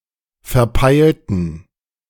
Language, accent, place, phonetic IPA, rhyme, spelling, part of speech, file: German, Germany, Berlin, [fɛɐ̯ˈpaɪ̯ltn̩], -aɪ̯ltn̩, verpeilten, verb / adjective, De-verpeilten.ogg
- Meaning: inflection of verpeilt: 1. strong genitive masculine/neuter singular 2. weak/mixed genitive/dative all-gender singular 3. strong/weak/mixed accusative masculine singular 4. strong dative plural